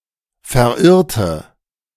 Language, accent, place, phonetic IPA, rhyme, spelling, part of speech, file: German, Germany, Berlin, [fɛɐ̯ˈʔɪʁtə], -ɪʁtə, verirrte, adjective / verb, De-verirrte.ogg
- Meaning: inflection of verirren: 1. first/third-person singular preterite 2. first/third-person singular subjunctive II